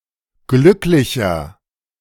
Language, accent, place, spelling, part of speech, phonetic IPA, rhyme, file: German, Germany, Berlin, glücklicher, adjective, [ˈɡlʏklɪçɐ], -ʏklɪçɐ, De-glücklicher.ogg
- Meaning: 1. comparative degree of glücklich 2. inflection of glücklich: strong/mixed nominative masculine singular 3. inflection of glücklich: strong genitive/dative feminine singular